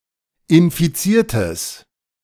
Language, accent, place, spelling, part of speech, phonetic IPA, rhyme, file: German, Germany, Berlin, infiziertes, adjective, [ɪnfiˈt͡siːɐ̯təs], -iːɐ̯təs, De-infiziertes.ogg
- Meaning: strong/mixed nominative/accusative neuter singular of infiziert